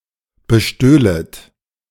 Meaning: second-person plural subjunctive II of bestehlen
- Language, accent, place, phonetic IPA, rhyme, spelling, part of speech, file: German, Germany, Berlin, [bəˈʃtøːlət], -øːlət, bestöhlet, verb, De-bestöhlet.ogg